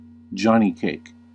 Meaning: A dense, baked or fried flatbread made of cornmeal
- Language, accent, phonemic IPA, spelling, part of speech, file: English, US, /ˈd͡ʒɑː.niːˌkeɪk/, johnnycake, noun, En-us-johnnycake.ogg